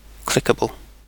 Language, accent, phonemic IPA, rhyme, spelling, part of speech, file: English, UK, /ˈklɪkəbəl/, -ɪkəbəl, clickable, adjective / noun, En-uk-clickable.ogg
- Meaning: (adjective) 1. That establishes rapport with an audience 2. That retains its shape after being cut by a blade or punched by a die